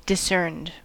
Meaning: simple past and past participle of discern
- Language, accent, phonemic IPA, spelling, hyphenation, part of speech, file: English, US, /dɪˈsɝnd/, discerned, dis‧cerned, verb, En-us-discerned.ogg